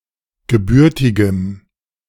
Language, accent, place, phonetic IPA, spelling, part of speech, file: German, Germany, Berlin, [ɡəˈbʏʁtɪɡəm], gebürtigem, adjective, De-gebürtigem.ogg
- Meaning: strong dative masculine/neuter singular of gebürtig